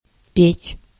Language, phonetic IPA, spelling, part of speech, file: Russian, [pʲetʲ], петь, verb, Ru-петь.ogg
- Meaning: 1. to sing 2. to crow 3. to snitch, to rat out, to crack, to start testifying